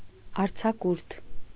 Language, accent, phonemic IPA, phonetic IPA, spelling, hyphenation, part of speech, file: Armenian, Eastern Armenian, /ɑɾt͡sʰɑˈkuɾtʰ/, [ɑɾt͡sʰɑkúɾtʰ], արձակուրդ, ար‧ձա‧կուրդ, noun, Hy-արձակուրդ.ogg
- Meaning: leave; vacation; recess